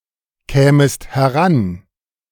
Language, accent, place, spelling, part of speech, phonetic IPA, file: German, Germany, Berlin, kämest heran, verb, [ˌkɛːməst hɛˈʁan], De-kämest heran.ogg
- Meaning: second-person singular subjunctive II of herankommen